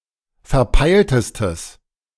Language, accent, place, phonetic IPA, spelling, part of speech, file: German, Germany, Berlin, [fɛɐ̯ˈpaɪ̯ltəstəs], verpeiltestes, adjective, De-verpeiltestes.ogg
- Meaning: strong/mixed nominative/accusative neuter singular superlative degree of verpeilt